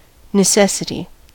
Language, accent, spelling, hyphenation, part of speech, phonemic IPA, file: English, US, necessity, ne‧ces‧si‧ty, noun, /nɪˈsɛsəti/, En-us-necessity.ogg
- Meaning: 1. The quality or state of being necessary, unavoidable, or absolutely requisite 2. The condition of being needy; desperate need; lack 3. Something necessary; a requisite; something indispensable